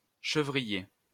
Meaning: goatherd
- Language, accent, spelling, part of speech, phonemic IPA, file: French, France, chevrier, noun, /ʃə.vʁi.je/, LL-Q150 (fra)-chevrier.wav